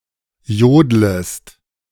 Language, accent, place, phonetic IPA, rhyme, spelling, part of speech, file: German, Germany, Berlin, [ˈjoːdləst], -oːdləst, jodlest, verb, De-jodlest.ogg
- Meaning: second-person singular subjunctive I of jodeln